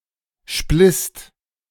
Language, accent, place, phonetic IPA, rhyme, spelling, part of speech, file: German, Germany, Berlin, [ʃplɪst], -ɪst, splisst, verb, De-splisst.ogg
- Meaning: second-person singular/plural preterite of spleißen